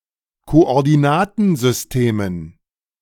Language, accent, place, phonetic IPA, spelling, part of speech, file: German, Germany, Berlin, [koʔɔʁdiˈnaːtn̩zʏsˌteːmən], Koordinatensystemen, noun, De-Koordinatensystemen.ogg
- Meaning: dative plural of Koordinatensystem